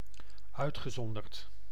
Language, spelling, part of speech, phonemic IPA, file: Dutch, uitgezonderd, verb / conjunction / preposition, /ˈœytxəˌzɔndərt/, Nl-uitgezonderd.ogg
- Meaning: past participle of uitzonderen